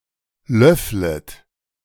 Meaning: second-person plural subjunctive I of löffeln
- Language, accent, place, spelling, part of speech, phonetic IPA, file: German, Germany, Berlin, löfflet, verb, [ˈlœflət], De-löfflet.ogg